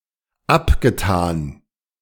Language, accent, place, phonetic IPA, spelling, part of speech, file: German, Germany, Berlin, [ˈapɡəˌtaːn], abgetan, verb, De-abgetan.ogg
- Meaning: past participle of abtun